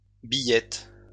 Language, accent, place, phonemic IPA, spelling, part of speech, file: French, France, Lyon, /bi.jɛt/, billette, noun, LL-Q150 (fra)-billette.wav
- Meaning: 1. billet (firewood) 2. billet